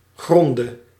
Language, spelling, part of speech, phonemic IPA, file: Dutch, gronde, noun / verb, /ˈɣrɔndə/, Nl-gronde.ogg
- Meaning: dative singular of grond